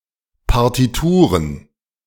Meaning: plural of Partitur
- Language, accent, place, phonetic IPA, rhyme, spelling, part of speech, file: German, Germany, Berlin, [paʁtiˈtuːʁən], -uːʁən, Partituren, noun, De-Partituren.ogg